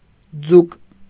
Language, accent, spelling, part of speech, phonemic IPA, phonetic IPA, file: Armenian, Eastern Armenian, ձուկ, noun, /d͡zuk/, [d͡zuk], Hy-ձուկ.ogg
- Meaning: 1. fish 2. calf muscle (triceps surae) 3. a lightning flashing far on the horizon